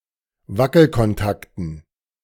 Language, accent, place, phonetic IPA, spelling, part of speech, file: German, Germany, Berlin, [ˈvakl̩kɔnˌtaktn̩], Wackelkontakten, noun, De-Wackelkontakten.ogg
- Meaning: dative plural of Wackelkontakt